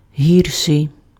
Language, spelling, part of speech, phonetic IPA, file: Ukrainian, гірший, adjective, [ˈɦʲirʃei̯], Uk-гірший.ogg
- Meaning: comparative degree of пога́ний (pohányj): worse